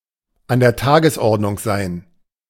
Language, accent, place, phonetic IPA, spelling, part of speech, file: German, Germany, Berlin, [an dɛɐ̯ ˈtaːɡəsˌʔɔʁdnʊŋ zaɪ̯n], an der Tagesordnung sein, verb, De-an der Tagesordnung sein.ogg
- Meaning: 1. to occur daily, often, regularly 2. to be necessary